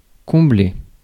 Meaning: 1. to fulfil, satisfy 2. to fill (add contents to, so it is full) 3. to fill (to install someone) 4. to counter 5. to deliver
- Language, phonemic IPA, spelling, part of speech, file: French, /kɔ̃.ble/, combler, verb, Fr-combler.ogg